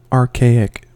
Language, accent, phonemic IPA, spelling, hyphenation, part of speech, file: English, General American, /ɑɹˈkeɪ.ɪk/, archaic, ar‧cha‧ic, noun / adjective, En-us-archaic.ogg